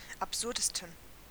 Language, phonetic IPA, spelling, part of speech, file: German, [apˈzʊʁdəstn̩], absurdesten, adjective, De-absurdesten.ogg
- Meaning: 1. superlative degree of absurd 2. inflection of absurd: strong genitive masculine/neuter singular superlative degree